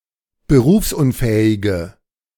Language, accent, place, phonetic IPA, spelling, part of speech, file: German, Germany, Berlin, [bəˈʁuːfsʔʊnˌfɛːɪɡə], berufsunfähige, adjective, De-berufsunfähige.ogg
- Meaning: inflection of berufsunfähig: 1. strong/mixed nominative/accusative feminine singular 2. strong nominative/accusative plural 3. weak nominative all-gender singular